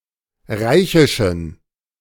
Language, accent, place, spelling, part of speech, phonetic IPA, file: German, Germany, Berlin, reichischen, adjective, [ˈʁaɪ̯çɪʃn̩], De-reichischen.ogg
- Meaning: inflection of reichisch: 1. strong genitive masculine/neuter singular 2. weak/mixed genitive/dative all-gender singular 3. strong/weak/mixed accusative masculine singular 4. strong dative plural